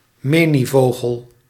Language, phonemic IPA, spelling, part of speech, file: Dutch, /ˈmeniˌvoɣəl/, menievogel, noun, Nl-menievogel.ogg
- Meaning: minivet